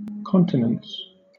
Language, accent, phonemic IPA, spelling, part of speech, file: English, Southern England, /ˈkɒntɪnəns/, continence, noun, LL-Q1860 (eng)-continence.wav
- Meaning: 1. The voluntary control of urination and defecation 2. Moderation or self-restraint, especially in sexual activity; abstinence 3. Uninterrupted course; continuity